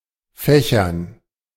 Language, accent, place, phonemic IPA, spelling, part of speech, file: German, Germany, Berlin, /ˈfɛçɐn/, Fächern, noun, De-Fächern.ogg
- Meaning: 1. dative plural of Fach 2. dative plural of Fächer 3. gerund of fächern